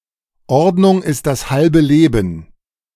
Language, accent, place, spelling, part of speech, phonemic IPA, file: German, Germany, Berlin, Ordnung ist das halbe Leben, phrase, /ˈɔʁdnʊŋ ɪst das halbə ˈleːbn̩/, De-Ordnung ist das halbe Leben.ogg
- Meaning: cleanliness is next to godliness, Being organized makes life much easier